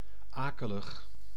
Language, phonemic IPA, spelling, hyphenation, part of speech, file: Dutch, /ˈaː.kə.ləx/, akelig, ake‧lig, adjective, Nl-akelig.ogg
- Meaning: 1. unpleasant, eerie 2. nasty, unfriendly